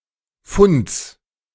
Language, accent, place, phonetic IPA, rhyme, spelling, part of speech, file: German, Germany, Berlin, [fʊnt͡s], -ʊnt͡s, Funds, noun, De-Funds.ogg
- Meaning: genitive singular of Fund